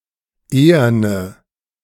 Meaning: inflection of ehern: 1. strong/mixed nominative/accusative feminine singular 2. strong nominative/accusative plural 3. weak nominative all-gender singular 4. weak accusative feminine/neuter singular
- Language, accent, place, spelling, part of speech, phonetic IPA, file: German, Germany, Berlin, eherne, adjective, [ˈeːɐnə], De-eherne.ogg